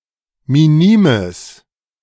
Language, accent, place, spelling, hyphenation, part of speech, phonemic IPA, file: German, Germany, Berlin, minimes, mi‧ni‧mes, adjective, /miˈniːməs/, De-minimes.ogg
- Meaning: strong/mixed nominative/accusative neuter singular of minim